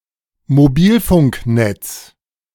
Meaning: mobile phone network
- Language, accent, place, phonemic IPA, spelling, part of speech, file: German, Germany, Berlin, /moˈbiːlfʊŋkˌnɛt͡s/, Mobilfunknetz, noun, De-Mobilfunknetz.ogg